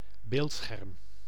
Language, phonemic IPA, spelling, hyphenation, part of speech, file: Dutch, /ˈbeːlt.sxɛrm/, beeldscherm, beeld‧scherm, noun, Nl-beeldscherm.ogg
- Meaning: 1. screen (screen where an image is shown) 2. monitor (computer display)